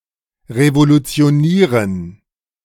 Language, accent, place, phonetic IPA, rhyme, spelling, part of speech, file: German, Germany, Berlin, [ʁevolut͡si̯oˈniːʁən], -iːʁən, revolutionieren, verb, De-revolutionieren.ogg
- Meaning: to revolutionize